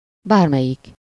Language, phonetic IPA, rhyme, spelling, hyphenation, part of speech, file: Hungarian, [ˈbaːrmɛjik], -ik, bármelyik, bár‧me‧lyik, determiner / pronoun, Hu-bármelyik.ogg
- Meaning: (determiner) any, whichever, no matter which